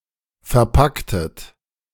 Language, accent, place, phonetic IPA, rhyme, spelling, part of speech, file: German, Germany, Berlin, [fɛɐ̯ˈpaktət], -aktət, verpacktet, verb, De-verpacktet.ogg
- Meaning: inflection of verpacken: 1. second-person plural preterite 2. second-person plural subjunctive II